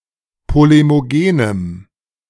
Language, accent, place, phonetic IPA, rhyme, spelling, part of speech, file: German, Germany, Berlin, [ˌpolemoˈɡeːnəm], -eːnəm, polemogenem, adjective, De-polemogenem.ogg
- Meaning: strong dative masculine/neuter singular of polemogen